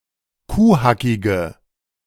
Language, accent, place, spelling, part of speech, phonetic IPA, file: German, Germany, Berlin, kuhhackige, adjective, [ˈkuːˌhakɪɡə], De-kuhhackige.ogg
- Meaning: inflection of kuhhackig: 1. strong/mixed nominative/accusative feminine singular 2. strong nominative/accusative plural 3. weak nominative all-gender singular